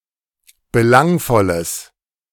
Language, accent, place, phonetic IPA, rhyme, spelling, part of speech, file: German, Germany, Berlin, [bəˈlaŋfɔləs], -aŋfɔləs, belangvolles, adjective, De-belangvolles.ogg
- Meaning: strong/mixed nominative/accusative neuter singular of belangvoll